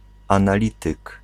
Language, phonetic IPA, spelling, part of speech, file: Polish, [ˌãnaˈlʲitɨk], analityk, noun, Pl-analityk.ogg